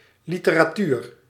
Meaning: literature
- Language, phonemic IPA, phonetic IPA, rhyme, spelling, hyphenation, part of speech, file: Dutch, /ˌli.tə.raːˈtyr/, [ˌlitəraːˈtyːr], -yr, literatuur, li‧te‧ra‧tuur, noun, Nl-literatuur.ogg